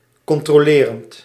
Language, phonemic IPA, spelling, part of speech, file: Dutch, /ˌkɔntroˈlerənt/, controlerend, verb / adjective, Nl-controlerend.ogg
- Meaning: present participle of controleren